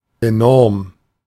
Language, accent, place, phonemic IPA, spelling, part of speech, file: German, Germany, Berlin, /eˈnɔʁm/, enorm, adjective, De-enorm.ogg
- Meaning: 1. enormous 2. very, so